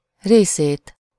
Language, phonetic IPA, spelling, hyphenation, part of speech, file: Hungarian, [ˈreːseːt], részét, ré‧szét, noun, Hu-részét.ogg
- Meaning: accusative singular of része